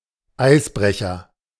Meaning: 1. icebreaker (ship designed to break through ice) 2. starkwater, starling (structure to protect a bridge from ice floating on a river)
- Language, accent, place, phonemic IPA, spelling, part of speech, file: German, Germany, Berlin, /ˈʔai̯sˌbʁɛçɐ/, Eisbrecher, noun, De-Eisbrecher.ogg